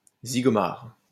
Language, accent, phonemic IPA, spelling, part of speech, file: French, France, /zi.ɡɔ.maʁ/, zigomar, noun, LL-Q150 (fra)-zigomar.wav
- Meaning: 1. synonym of zigoto 2. cavalry sabre 3. penis